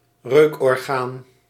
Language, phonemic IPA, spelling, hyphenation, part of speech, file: Dutch, /ˈrøːk.ɔrˌɣaːn/, reukorgaan, reuk‧or‧gaan, noun, Nl-reukorgaan.ogg
- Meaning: olfactory organ, nose